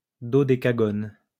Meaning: dodecagon
- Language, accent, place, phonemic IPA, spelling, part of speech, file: French, France, Lyon, /dɔ.de.ka.ɡɔn/, dodécagone, noun, LL-Q150 (fra)-dodécagone.wav